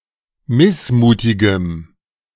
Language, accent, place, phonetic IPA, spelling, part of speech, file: German, Germany, Berlin, [ˈmɪsˌmuːtɪɡəm], missmutigem, adjective, De-missmutigem.ogg
- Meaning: strong dative masculine/neuter singular of missmutig